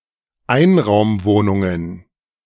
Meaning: plural of Einraumwohnung
- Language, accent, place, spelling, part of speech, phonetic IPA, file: German, Germany, Berlin, Einraumwohnungen, noun, [ˈaɪ̯nʁaʊ̯mˌvoːnʊŋən], De-Einraumwohnungen.ogg